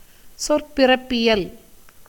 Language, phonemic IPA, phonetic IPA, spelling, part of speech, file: Tamil, /tʃorpɪrɐpːɪjɐl/, [so̞rpɪrɐpːɪjɐl], சொற்பிறப்பியல், noun, Ta-சொற்பிறப்பியல்.ogg
- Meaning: etymology (the scientific study of the origin and evolution of a word's semantic meaning across time, including its constituent morphemes and phonemes)